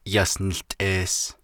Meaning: January
- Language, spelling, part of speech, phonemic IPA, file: Navajo, Yas Niłtʼees, noun, /jɑ̀s nɪ̀ɬtʼèːs/, Nv-Yas Niłtʼees.ogg